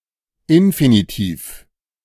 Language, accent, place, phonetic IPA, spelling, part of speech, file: German, Germany, Berlin, [ˈɪnfinitiːf], Infinitiv, noun, De-Infinitiv.ogg
- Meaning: 1. infinitive 2. gerund; verbal noun; if formally identical to the infinitive (as e.g. in German) or if the language does not otherwise have an infinitive form (as e.g. in Arabic)